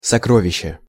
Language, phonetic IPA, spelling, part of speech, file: Russian, [sɐˈkrovʲɪɕːe], сокровище, noun, Ru-сокровище.ogg
- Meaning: treasure (collection of valuable things)